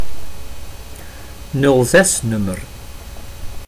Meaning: 1. a business phone number, either toll-free or premium-rate 2. mobile phone number
- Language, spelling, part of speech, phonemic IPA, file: Dutch, 06-nummer, noun, /nʏlˈzɛsˌnʏ.mər/, Nl-06-nummer.ogg